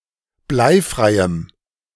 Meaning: strong dative masculine/neuter singular of bleifrei
- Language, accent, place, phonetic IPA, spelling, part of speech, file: German, Germany, Berlin, [ˈblaɪ̯ˌfʁaɪ̯əm], bleifreiem, adjective, De-bleifreiem.ogg